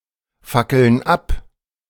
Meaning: inflection of abfackeln: 1. first/third-person plural present 2. first/third-person plural subjunctive I
- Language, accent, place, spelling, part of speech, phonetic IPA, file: German, Germany, Berlin, fackeln ab, verb, [ˌfakl̩n ˈap], De-fackeln ab.ogg